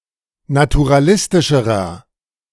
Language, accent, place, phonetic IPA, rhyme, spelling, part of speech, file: German, Germany, Berlin, [natuʁaˈlɪstɪʃəʁɐ], -ɪstɪʃəʁɐ, naturalistischerer, adjective, De-naturalistischerer.ogg
- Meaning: inflection of naturalistisch: 1. strong/mixed nominative masculine singular comparative degree 2. strong genitive/dative feminine singular comparative degree